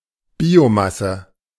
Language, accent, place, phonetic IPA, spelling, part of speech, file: German, Germany, Berlin, [ˈbiːoˌmasə], Biomasse, noun, De-Biomasse.ogg
- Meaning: biomass